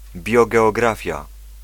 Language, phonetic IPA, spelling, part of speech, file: Polish, [ˌbʲjɔɡɛɔˈɡrafʲja], biogeografia, noun, Pl-biogeografia.ogg